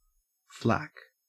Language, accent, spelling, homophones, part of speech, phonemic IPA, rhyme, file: English, Australia, flack, flak, verb / noun, /flæk/, -æk, En-au-flack.ogg
- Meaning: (verb) 1. To flutter; palpitate 2. To hang loosely; flag 3. To beat by flapping; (noun) A publicist, a publicity agent; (verb) To publicise, to promote; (noun) Alternative spelling of flak